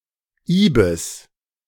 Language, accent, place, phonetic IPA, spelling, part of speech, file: German, Germany, Berlin, [ˈiːbɪs], Ibis, noun, De-Ibis.ogg
- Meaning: ibis (bird)